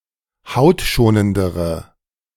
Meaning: inflection of hautschonend: 1. strong/mixed nominative/accusative feminine singular comparative degree 2. strong nominative/accusative plural comparative degree
- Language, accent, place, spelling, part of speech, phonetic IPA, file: German, Germany, Berlin, hautschonendere, adjective, [ˈhaʊ̯tˌʃoːnəndəʁə], De-hautschonendere.ogg